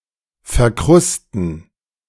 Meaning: 1. to become caked, encrusted, covered with scab, etc 2. to cake, encrust (a surface)
- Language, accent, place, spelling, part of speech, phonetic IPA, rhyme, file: German, Germany, Berlin, verkrusten, verb, [fɛɐ̯ˈkʁʊstn̩], -ʊstn̩, De-verkrusten.ogg